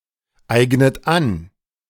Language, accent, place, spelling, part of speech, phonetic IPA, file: German, Germany, Berlin, eignet an, verb, [ˌaɪ̯ɡnət ˈan], De-eignet an.ogg
- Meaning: inflection of aneignen: 1. third-person singular present 2. second-person plural present 3. second-person plural subjunctive I 4. plural imperative